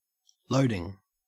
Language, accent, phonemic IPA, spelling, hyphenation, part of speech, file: English, Australia, /ˈləʉ.dɪŋ/, loading, loa‧ding, noun / verb, En-au-loading.ogg
- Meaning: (noun) 1. The process by which something is loaded 2. A load, especially in the engineering and electrical engineering senses of force exerted, or electrical current or power supplied